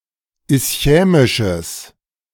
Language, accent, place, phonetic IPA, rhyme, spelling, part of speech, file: German, Germany, Berlin, [ɪsˈçɛːmɪʃəs], -ɛːmɪʃəs, ischämisches, adjective, De-ischämisches.ogg
- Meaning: strong/mixed nominative/accusative neuter singular of ischämisch